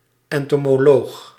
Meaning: entomologist
- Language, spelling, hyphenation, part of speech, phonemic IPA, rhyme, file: Dutch, entomoloog, en‧to‧mo‧loog, noun, /ˌɛn.toː.moːˈloːx/, -oːx, Nl-entomoloog.ogg